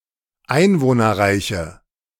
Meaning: inflection of einwohnerreich: 1. strong/mixed nominative/accusative feminine singular 2. strong nominative/accusative plural 3. weak nominative all-gender singular
- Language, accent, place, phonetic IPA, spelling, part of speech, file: German, Germany, Berlin, [ˈaɪ̯nvoːnɐˌʁaɪ̯çə], einwohnerreiche, adjective, De-einwohnerreiche.ogg